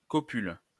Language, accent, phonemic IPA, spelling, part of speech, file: French, France, /kɔ.pyl/, copule, noun / verb, LL-Q150 (fra)-copule.wav
- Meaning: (noun) copula; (verb) inflection of copuler: 1. first/third-person singular present indicative/subjunctive 2. second-person singular imperative